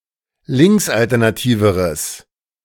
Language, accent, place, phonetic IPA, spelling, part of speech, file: German, Germany, Berlin, [ˈlɪŋksʔaltɛʁnaˌtiːvəʁəs], linksalternativeres, adjective, De-linksalternativeres.ogg
- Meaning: strong/mixed nominative/accusative neuter singular comparative degree of linksalternativ